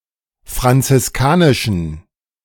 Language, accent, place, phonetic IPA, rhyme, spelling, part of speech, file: German, Germany, Berlin, [fʁant͡sɪsˈkaːnɪʃn̩], -aːnɪʃn̩, franziskanischen, adjective, De-franziskanischen.ogg
- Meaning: inflection of franziskanisch: 1. strong genitive masculine/neuter singular 2. weak/mixed genitive/dative all-gender singular 3. strong/weak/mixed accusative masculine singular 4. strong dative plural